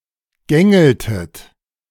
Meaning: inflection of gängeln: 1. first/third-person plural preterite 2. first/third-person plural subjunctive II
- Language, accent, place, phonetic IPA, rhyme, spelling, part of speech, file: German, Germany, Berlin, [ˈɡɛŋl̩tn̩], -ɛŋl̩tn̩, gängelten, verb, De-gängelten.ogg